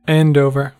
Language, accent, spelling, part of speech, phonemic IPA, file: English, US, Andover, proper noun, /ˈændoʊvɚ/, En-us-Andover.ogg
- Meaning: 1. A town and civil parish with a town council in Test Valley district, Hampshire, England (OS grid ref SU3645) 2. A parish in Victoria County, New Brunswick, Canada